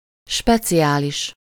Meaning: special (distinguished by a unique or unusual quality)
- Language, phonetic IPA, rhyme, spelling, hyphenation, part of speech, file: Hungarian, [ˈʃpɛt͡sijaːliʃ], -iʃ, speciális, spe‧ci‧á‧lis, adjective, Hu-speciális.ogg